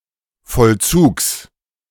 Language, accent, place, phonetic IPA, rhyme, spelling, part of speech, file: German, Germany, Berlin, [fɔlˈt͡suːks], -uːks, Vollzugs, noun, De-Vollzugs.ogg
- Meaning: genitive singular of Vollzug